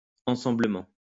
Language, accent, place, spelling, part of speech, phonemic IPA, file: French, France, Lyon, ensemblement, adverb, /ɑ̃.sɑ̃.blə.mɑ̃/, LL-Q150 (fra)-ensemblement.wav
- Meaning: together